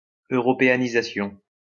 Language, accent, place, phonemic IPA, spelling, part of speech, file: French, France, Lyon, /ø.ʁɔ.pe.a.ni.za.sjɔ̃/, européanisation, noun, LL-Q150 (fra)-européanisation.wav
- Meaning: Europeanisation